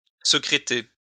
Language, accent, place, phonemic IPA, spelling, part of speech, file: French, France, Lyon, /sə.kʁe.te/, secréter, verb, LL-Q150 (fra)-secréter.wav
- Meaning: To felt (treat with mercury to make felt): to carrot